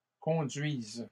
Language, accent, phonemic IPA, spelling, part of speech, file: French, Canada, /kɔ̃.dɥiz/, conduise, verb, LL-Q150 (fra)-conduise.wav
- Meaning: first/third-person singular present subjunctive of conduire